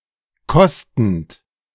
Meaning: present participle of kosten
- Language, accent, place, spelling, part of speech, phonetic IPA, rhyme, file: German, Germany, Berlin, kostend, verb, [ˈkɔstn̩t], -ɔstn̩t, De-kostend.ogg